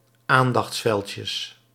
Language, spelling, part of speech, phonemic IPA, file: Dutch, aandachtsveldjes, noun, /ˈandɑx(t)sˌfɛlcəs/, Nl-aandachtsveldjes.ogg
- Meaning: plural of aandachtsveldje